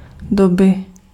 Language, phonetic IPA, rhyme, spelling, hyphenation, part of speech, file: Czech, [ˈdobɪ], -obɪ, doby, do‧by, noun, Cs-doby.ogg
- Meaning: inflection of doba: 1. genitive singular 2. nominative/accusative/vocative plural